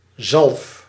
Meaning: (noun) 1. salve, cream, ointment 2. mayonnaise; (verb) inflection of zalven: 1. first-person singular present indicative 2. second-person singular present indicative 3. imperative
- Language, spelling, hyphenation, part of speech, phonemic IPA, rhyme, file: Dutch, zalf, zalf, noun / verb, /zɑlf/, -ɑlf, Nl-zalf.ogg